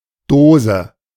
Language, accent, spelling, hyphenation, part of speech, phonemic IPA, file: German, Germany, Dose, Do‧se, noun, /ˈdoːzə/, De-Dose.ogg
- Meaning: 1. box (container made from metal or plastic, less often wood) 2. tin, can (air-tight container for food) 3. socket 4. vagina, vulva